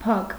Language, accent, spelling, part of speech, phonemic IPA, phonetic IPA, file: Armenian, Eastern Armenian, փակ, adjective / noun, /pʰɑk/, [pʰɑk], Hy-փակ.ogg
- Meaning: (adjective) closed, shut; locked; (noun) lock, padlock